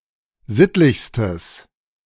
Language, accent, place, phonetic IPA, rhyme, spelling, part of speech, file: German, Germany, Berlin, [ˈzɪtlɪçstəs], -ɪtlɪçstəs, sittlichstes, adjective, De-sittlichstes.ogg
- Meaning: strong/mixed nominative/accusative neuter singular superlative degree of sittlich